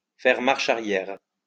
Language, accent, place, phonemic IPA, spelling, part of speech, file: French, France, Lyon, /fɛʁ maʁ.ʃ‿a.ʁjɛʁ/, faire marche arrière, verb, LL-Q150 (fra)-faire marche arrière.wav
- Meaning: 1. to turn back, go backwards 2. to backpedal